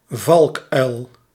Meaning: hawk owl (owl in the genus Ninox)
- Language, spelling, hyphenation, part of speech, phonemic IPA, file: Dutch, valkuil, valk‧uil, noun, /ˈvɑlkˌœy̯l/, Nl-valkuil2.ogg